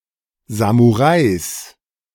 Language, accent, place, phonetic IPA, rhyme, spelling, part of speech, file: German, Germany, Berlin, [zamuˈʁaɪ̯s], -aɪ̯s, Samurais, noun, De-Samurais.ogg
- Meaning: genitive singular of Samurai